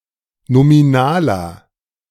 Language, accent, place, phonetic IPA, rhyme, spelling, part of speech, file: German, Germany, Berlin, [nomiˈnaːlɐ], -aːlɐ, nominaler, adjective, De-nominaler.ogg
- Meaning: inflection of nominal: 1. strong/mixed nominative masculine singular 2. strong genitive/dative feminine singular 3. strong genitive plural